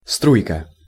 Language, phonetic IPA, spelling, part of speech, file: Russian, [ˈstrujkə], струйка, noun, Ru-струйка.ogg
- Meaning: diminutive of струя́ (strujá)